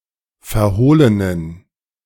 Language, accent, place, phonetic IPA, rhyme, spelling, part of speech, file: German, Germany, Berlin, [fɛɐ̯ˈhoːlənən], -oːlənən, verhohlenen, adjective, De-verhohlenen.ogg
- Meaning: inflection of verhohlen: 1. strong genitive masculine/neuter singular 2. weak/mixed genitive/dative all-gender singular 3. strong/weak/mixed accusative masculine singular 4. strong dative plural